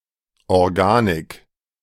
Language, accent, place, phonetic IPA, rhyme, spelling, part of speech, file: German, Germany, Berlin, [ɔʁˈɡaːnɪk], -aːnɪk, Organik, noun, De-Organik.ogg
- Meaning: organic chemistry